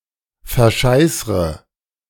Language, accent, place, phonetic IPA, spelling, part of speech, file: German, Germany, Berlin, [fɛɐ̯ˈʃaɪ̯sʁə], verscheißre, verb, De-verscheißre.ogg
- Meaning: inflection of verscheißern: 1. first-person singular present 2. first/third-person singular subjunctive I 3. singular imperative